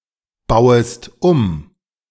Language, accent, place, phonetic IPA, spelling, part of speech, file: German, Germany, Berlin, [ˌbaʊ̯əst ˈum], bauest um, verb, De-bauest um.ogg
- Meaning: second-person singular subjunctive I of umbauen